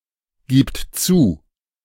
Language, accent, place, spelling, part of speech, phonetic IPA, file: German, Germany, Berlin, gibt zu, verb, [ˌɡiːpt ˈt͡suː], De-gibt zu.ogg
- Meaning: third-person singular present of zugeben